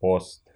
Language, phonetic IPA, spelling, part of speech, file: Russian, [ost], ост, noun, Ru-ост.ogg
- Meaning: 1. east 2. easter (east wind)